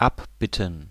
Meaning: plural of Abbitte "apology"
- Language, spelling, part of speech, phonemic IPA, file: German, Abbitten, noun, /ˈʔapˌbɪtən/, De-Abbitten.ogg